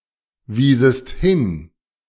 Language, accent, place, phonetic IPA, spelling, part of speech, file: German, Germany, Berlin, [ˌviːzəst ˈhɪn], wiesest hin, verb, De-wiesest hin.ogg
- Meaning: second-person singular subjunctive II of hinweisen